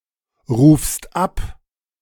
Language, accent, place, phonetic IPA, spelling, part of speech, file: German, Germany, Berlin, [ʁuːfst ˈap], rufst ab, verb, De-rufst ab.ogg
- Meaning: second-person singular present of abrufen